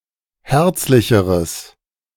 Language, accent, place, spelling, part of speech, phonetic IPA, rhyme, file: German, Germany, Berlin, herzlicheres, adjective, [ˈhɛʁt͡slɪçəʁəs], -ɛʁt͡slɪçəʁəs, De-herzlicheres.ogg
- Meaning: strong/mixed nominative/accusative neuter singular comparative degree of herzlich